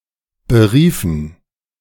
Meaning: inflection of berufen: 1. first/third-person plural preterite 2. first/third-person plural subjunctive II
- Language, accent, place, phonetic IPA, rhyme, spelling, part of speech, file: German, Germany, Berlin, [bəˈʁiːfn̩], -iːfn̩, beriefen, verb, De-beriefen.ogg